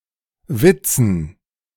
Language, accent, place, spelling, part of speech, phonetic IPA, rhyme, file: German, Germany, Berlin, Witzen, noun, [ˈvɪt͡sn̩], -ɪt͡sn̩, De-Witzen.ogg
- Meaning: dative plural of Witz